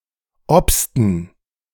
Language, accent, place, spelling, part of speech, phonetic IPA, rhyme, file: German, Germany, Berlin, obsten, verb, [ˈɔpstn̩], -ɔpstn̩, De-obsten.ogg
- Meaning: inflection of obsen: 1. first/third-person plural preterite 2. first/third-person plural subjunctive II